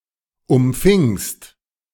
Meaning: second-person singular preterite of umfangen
- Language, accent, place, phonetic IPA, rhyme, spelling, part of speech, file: German, Germany, Berlin, [ʊmˈfɪŋst], -ɪŋst, umfingst, verb, De-umfingst.ogg